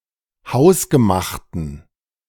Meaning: inflection of hausgemacht: 1. strong genitive masculine/neuter singular 2. weak/mixed genitive/dative all-gender singular 3. strong/weak/mixed accusative masculine singular 4. strong dative plural
- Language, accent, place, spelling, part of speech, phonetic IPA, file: German, Germany, Berlin, hausgemachten, adjective, [ˈhaʊ̯sɡəˌmaxtən], De-hausgemachten.ogg